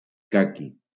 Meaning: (adjective) khaki (dust-coloured); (noun) 1. khaki (the colour of dust) 2. khaki (a strong cloth of wool or cotton) 3. persimmon (Diospyros kaki (Asian) or Diospyros virginiana (North America))
- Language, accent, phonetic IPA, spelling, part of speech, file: Catalan, Valencia, [ˈka.ki], caqui, adjective / noun, LL-Q7026 (cat)-caqui.wav